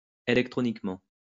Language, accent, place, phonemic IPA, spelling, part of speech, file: French, France, Lyon, /e.lɛk.tʁɔ.nik.mɑ̃/, électroniquement, adverb, LL-Q150 (fra)-électroniquement.wav
- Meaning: electronically